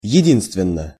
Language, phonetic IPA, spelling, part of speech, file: Russian, [(j)ɪˈdʲinstvʲɪn(ː)ə], единственно, adverb / adjective, Ru-единственно.ogg
- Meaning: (adverb) solely, only, just; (adjective) short neuter singular of еди́нственный (jedínstvennyj)